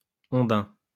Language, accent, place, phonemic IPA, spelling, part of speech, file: French, France, Lyon, /ɔ̃.dɛ̃/, ondin, noun, LL-Q150 (fra)-ondin.wav
- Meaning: 1. male undine; water-sprite 2. merfolk, merman